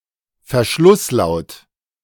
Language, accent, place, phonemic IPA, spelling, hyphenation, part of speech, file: German, Germany, Berlin, /fɛɐ̯ˈʃlʊsˌlaʊ̯t/, Verschlusslaut, Ver‧schluss‧laut, noun, De-Verschlusslaut.ogg
- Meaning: stop